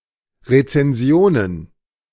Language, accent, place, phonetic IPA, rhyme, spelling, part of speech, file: German, Germany, Berlin, [ʁet͡sɛnˈzi̯oːnən], -oːnən, Rezensionen, noun, De-Rezensionen.ogg
- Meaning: plural of Rezension